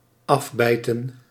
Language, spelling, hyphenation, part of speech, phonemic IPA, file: Dutch, afbijten, af‧bij‧ten, verb, /ˈɑvˌbɛi̯tə(n)/, Nl-afbijten.ogg
- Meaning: to bite off